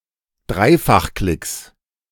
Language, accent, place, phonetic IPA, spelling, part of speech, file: German, Germany, Berlin, [ˈdʁaɪ̯faxˌklɪks], Dreifachklicks, noun, De-Dreifachklicks.ogg
- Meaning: plural of Dreifachklick